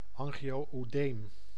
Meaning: angioedema (swelling of the lower layers of the skin or of other tissues)
- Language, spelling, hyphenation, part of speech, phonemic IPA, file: Dutch, angio-oedeem, an‧gio-oe‧deem, noun, /ˌɑŋ.ɣi.oː.øːˈdeːm/, Nl-angio-oedeem.ogg